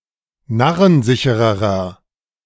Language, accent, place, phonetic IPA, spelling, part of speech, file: German, Germany, Berlin, [ˈnaʁənˌzɪçəʁəʁɐ], narrensichererer, adjective, De-narrensichererer.ogg
- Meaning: inflection of narrensicher: 1. strong/mixed nominative masculine singular comparative degree 2. strong genitive/dative feminine singular comparative degree 3. strong genitive plural comparative degree